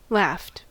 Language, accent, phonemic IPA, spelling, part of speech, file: English, US, /læft/, laughed, verb, En-us-laughed.ogg
- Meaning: simple past and past participle of laugh